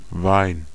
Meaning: wine
- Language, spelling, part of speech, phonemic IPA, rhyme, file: German, Wein, noun, /vaɪ̯n/, -aɪ̯n, De-Wein.ogg